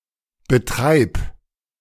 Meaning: singular imperative of betreiben
- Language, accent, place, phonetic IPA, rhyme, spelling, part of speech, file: German, Germany, Berlin, [bəˈtʁaɪ̯p], -aɪ̯p, betreib, verb, De-betreib.ogg